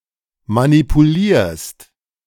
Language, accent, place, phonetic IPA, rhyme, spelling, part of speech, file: German, Germany, Berlin, [manipuˈliːɐ̯st], -iːɐ̯st, manipulierst, verb, De-manipulierst.ogg
- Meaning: second-person singular present of manipulieren